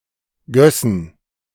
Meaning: first/third-person plural subjunctive II of gießen
- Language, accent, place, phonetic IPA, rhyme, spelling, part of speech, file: German, Germany, Berlin, [ˈɡœsn̩], -œsn̩, gössen, verb, De-gössen.ogg